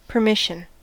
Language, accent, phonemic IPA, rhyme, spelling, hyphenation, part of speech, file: English, General American, /pəɹˈmɪʃ.ən/, -ɪʃən, permission, per‧mis‧sion, noun / verb, En-us-permission.ogg
- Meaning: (noun) 1. authorisation; consent (especially formal consent from someone in authority) 2. The act of permitting